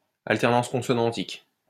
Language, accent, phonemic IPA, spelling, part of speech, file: French, France, /al.tɛʁ.nɑ̃s kɔ̃.sɔ.nɑ̃.tik/, alternance consonantique, noun, LL-Q150 (fra)-alternance consonantique.wav
- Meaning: consonant alternation